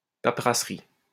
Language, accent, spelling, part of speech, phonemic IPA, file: French, France, paperasserie, noun, /pa.pʁa.sʁi/, LL-Q150 (fra)-paperasserie.wav
- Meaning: red tape